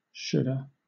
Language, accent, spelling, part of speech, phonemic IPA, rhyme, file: English, Southern England, shoulda, verb, /ˈʃʊdə/, -ʊdə, LL-Q1860 (eng)-shoulda.wav
- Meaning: Contraction of should + have